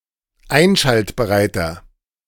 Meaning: inflection of einschaltbereit: 1. strong/mixed nominative masculine singular 2. strong genitive/dative feminine singular 3. strong genitive plural
- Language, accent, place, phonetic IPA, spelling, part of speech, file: German, Germany, Berlin, [ˈaɪ̯nʃaltbəʁaɪ̯tɐ], einschaltbereiter, adjective, De-einschaltbereiter.ogg